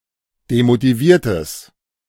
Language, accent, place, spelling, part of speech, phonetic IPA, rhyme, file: German, Germany, Berlin, demotiviertes, adjective, [demotiˈviːɐ̯təs], -iːɐ̯təs, De-demotiviertes.ogg
- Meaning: strong/mixed nominative/accusative neuter singular of demotiviert